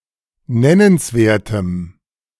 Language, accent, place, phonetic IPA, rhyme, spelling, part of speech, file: German, Germany, Berlin, [ˈnɛnənsˌveːɐ̯təm], -ɛnənsveːɐ̯təm, nennenswertem, adjective, De-nennenswertem.ogg
- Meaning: strong dative masculine/neuter singular of nennenswert